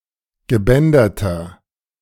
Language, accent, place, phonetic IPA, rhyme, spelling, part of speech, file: German, Germany, Berlin, [ɡəˈbɛndɐtɐ], -ɛndɐtɐ, gebänderter, adjective, De-gebänderter.ogg
- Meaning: inflection of gebändert: 1. strong/mixed nominative masculine singular 2. strong genitive/dative feminine singular 3. strong genitive plural